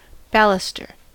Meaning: A short column used in a group to support a rail, as commonly found on the side of a stairway or around a balcony
- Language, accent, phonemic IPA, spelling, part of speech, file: English, US, /ˈbæləstɚ/, baluster, noun, En-us-baluster.ogg